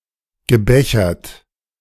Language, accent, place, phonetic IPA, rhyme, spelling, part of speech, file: German, Germany, Berlin, [ɡəˈbɛçɐt], -ɛçɐt, gebechert, verb, De-gebechert.ogg
- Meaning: past participle of bechern